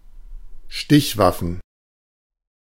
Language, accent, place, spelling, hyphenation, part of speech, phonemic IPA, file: German, Germany, Berlin, Stichwaffen, Stich‧waf‧fen, noun, /ˈʃtɪçˌvafən/, De-Stichwaffen.ogg
- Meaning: plural of Stichwaffe